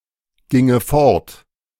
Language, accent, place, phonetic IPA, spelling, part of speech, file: German, Germany, Berlin, [ˌɡɪŋə ˈfɔʁt], ginge fort, verb, De-ginge fort.ogg
- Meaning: first/third-person singular subjunctive II of fortgehen